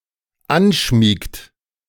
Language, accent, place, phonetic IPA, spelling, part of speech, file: German, Germany, Berlin, [ˈanˌʃmiːkt], anschmiegt, verb, De-anschmiegt.ogg
- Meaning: inflection of anschmiegen: 1. third-person singular dependent present 2. second-person plural dependent present